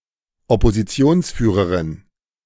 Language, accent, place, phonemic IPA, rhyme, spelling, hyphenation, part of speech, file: German, Germany, Berlin, /ɔpoziˈt͡si̯oːnsˌfyːʁəʁɪn/, -ɪn, Oppositionsführerin, Op‧po‧si‧ti‧ons‧füh‧re‧rin, noun, De-Oppositionsführerin.ogg
- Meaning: female equivalent of Oppositionsführer